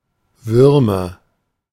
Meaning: 1. nominative plural of Wurm 2. accusative plural of Wurm 3. genitive plural of Wurm
- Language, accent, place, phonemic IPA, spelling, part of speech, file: German, Germany, Berlin, /ˈvʏʁmɐ/, Würmer, noun, De-Würmer.ogg